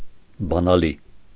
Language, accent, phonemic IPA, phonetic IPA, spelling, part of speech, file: Armenian, Eastern Armenian, /bɑnɑˈli/, [bɑnɑlí], բանալի, noun, Hy-բանալի.ogg
- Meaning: key